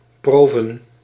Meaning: plural of prove
- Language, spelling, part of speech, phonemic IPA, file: Dutch, proven, noun, /ˈprovə(n)/, Nl-proven.ogg